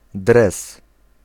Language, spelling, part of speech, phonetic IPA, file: Polish, dres, noun, [drɛs], Pl-dres.ogg